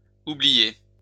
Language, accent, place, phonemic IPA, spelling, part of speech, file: French, France, Lyon, /u.bli.je/, oubliés, verb, LL-Q150 (fra)-oubliés.wav
- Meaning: masculine plural of oublié